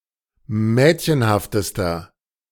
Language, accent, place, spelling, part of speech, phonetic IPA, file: German, Germany, Berlin, mädchenhaftester, adjective, [ˈmɛːtçənhaftəstɐ], De-mädchenhaftester.ogg
- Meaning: inflection of mädchenhaft: 1. strong/mixed nominative masculine singular superlative degree 2. strong genitive/dative feminine singular superlative degree 3. strong genitive plural superlative degree